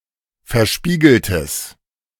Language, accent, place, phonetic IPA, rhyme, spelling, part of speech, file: German, Germany, Berlin, [fɛɐ̯ˈʃpiːɡl̩təs], -iːɡl̩təs, verspiegeltes, adjective, De-verspiegeltes.ogg
- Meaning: strong/mixed nominative/accusative neuter singular of verspiegelt